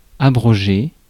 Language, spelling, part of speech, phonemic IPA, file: French, abroger, verb, /a.bʁɔ.ʒe/, Fr-abroger.ogg
- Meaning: to rescind, to repeal, to annul